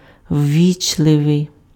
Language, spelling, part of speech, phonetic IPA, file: Ukrainian, ввічливий, adjective, [ˈʋʲːit͡ʃɫeʋei̯], Uk-ввічливий.ogg
- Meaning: polite, courteous, civil